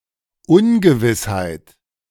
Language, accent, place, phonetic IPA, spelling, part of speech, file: German, Germany, Berlin, [ˈʊnɡəˌvɪshaɪ̯t], Ungewissheit, noun, De-Ungewissheit.ogg
- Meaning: uncertainty